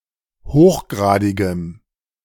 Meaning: strong dative masculine/neuter singular of hochgradig
- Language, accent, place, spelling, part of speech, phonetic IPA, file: German, Germany, Berlin, hochgradigem, adjective, [ˈhoːxˌɡʁaːdɪɡəm], De-hochgradigem.ogg